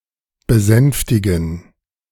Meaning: to appease, to soothe, to mollify
- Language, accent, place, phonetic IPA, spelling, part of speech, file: German, Germany, Berlin, [bəˈzɛnftɪɡn̩], besänftigen, verb, De-besänftigen.ogg